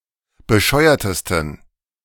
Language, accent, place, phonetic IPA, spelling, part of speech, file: German, Germany, Berlin, [bəˈʃɔɪ̯ɐtəstn̩], bescheuertesten, adjective, De-bescheuertesten.ogg
- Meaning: 1. superlative degree of bescheuert 2. inflection of bescheuert: strong genitive masculine/neuter singular superlative degree